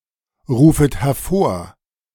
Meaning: second-person plural subjunctive I of hervorrufen
- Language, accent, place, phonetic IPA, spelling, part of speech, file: German, Germany, Berlin, [ˌʁuːfət hɛɐ̯ˈfoːɐ̯], rufet hervor, verb, De-rufet hervor.ogg